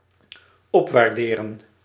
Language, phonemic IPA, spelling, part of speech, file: Dutch, /ˈɔpwarˌderə(n)/, opwaarderen, verb, Nl-opwaarderen.ogg
- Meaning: 1. to revalue, increase in value 2. to top up (to extend the credit of something)